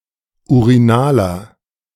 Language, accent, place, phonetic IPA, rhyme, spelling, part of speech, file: German, Germany, Berlin, [uʁiˈnaːlɐ], -aːlɐ, urinaler, adjective, De-urinaler.ogg
- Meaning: inflection of urinal: 1. strong/mixed nominative masculine singular 2. strong genitive/dative feminine singular 3. strong genitive plural